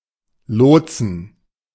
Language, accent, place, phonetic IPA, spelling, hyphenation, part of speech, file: German, Germany, Berlin, [ˈloːt͡sn̩], lotsen, lot‧sen, verb, De-lotsen.ogg
- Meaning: to guide (to a target, through repeated careful adjustments or directions)